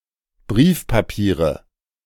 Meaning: nominative/accusative/genitive plural of Briefpapier
- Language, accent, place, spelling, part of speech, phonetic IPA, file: German, Germany, Berlin, Briefpapiere, noun, [ˈbʁiːfpaˌpiːʁə], De-Briefpapiere.ogg